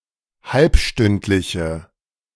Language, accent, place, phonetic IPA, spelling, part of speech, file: German, Germany, Berlin, [ˈhalpˌʃtʏntlɪçə], halbstündliche, adjective, De-halbstündliche.ogg
- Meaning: inflection of halbstündlich: 1. strong/mixed nominative/accusative feminine singular 2. strong nominative/accusative plural 3. weak nominative all-gender singular